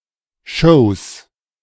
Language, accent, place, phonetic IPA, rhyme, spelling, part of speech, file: German, Germany, Berlin, [ʃoːs], -oːs, Shows, noun, De-Shows.ogg
- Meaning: plural of Show